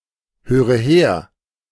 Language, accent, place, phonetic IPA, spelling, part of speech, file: German, Germany, Berlin, [ˌhøːʁə ˈheːɐ̯], höre her, verb, De-höre her.ogg
- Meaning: inflection of herhören: 1. first-person singular present 2. first/third-person singular subjunctive I 3. singular imperative